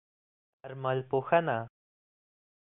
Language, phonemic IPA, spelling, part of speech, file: Pashto, /d̪ərˈməlˈpoˈhəˈna/, درملپوهنه, noun, Ps-درملپوهنه.oga
- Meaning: pharmacology